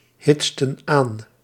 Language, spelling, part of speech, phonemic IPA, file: Dutch, hitsten aan, verb, /ˈhɪtstə(n) ˈan/, Nl-hitsten aan.ogg
- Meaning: inflection of aanhitsen: 1. plural past indicative 2. plural past subjunctive